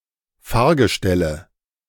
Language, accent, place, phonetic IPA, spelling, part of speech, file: German, Germany, Berlin, [ˈfaːɐ̯ɡəˌʃtɛlə], Fahrgestelle, noun, De-Fahrgestelle.ogg
- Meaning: nominative/accusative/genitive plural of Fahrgestell